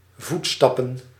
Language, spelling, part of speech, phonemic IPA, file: Dutch, voetstappen, noun, /ˈvutstɑpə(n)/, Nl-voetstappen.ogg
- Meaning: plural of voetstap